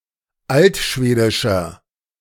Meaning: inflection of altschwedisch: 1. strong/mixed nominative masculine singular 2. strong genitive/dative feminine singular 3. strong genitive plural
- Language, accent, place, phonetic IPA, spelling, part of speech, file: German, Germany, Berlin, [ˈaltˌʃveːdɪʃɐ], altschwedischer, adjective, De-altschwedischer.ogg